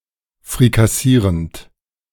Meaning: present participle of frikassieren
- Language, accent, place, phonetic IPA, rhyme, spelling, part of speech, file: German, Germany, Berlin, [fʁikaˈsiːʁənt], -iːʁənt, frikassierend, verb, De-frikassierend.ogg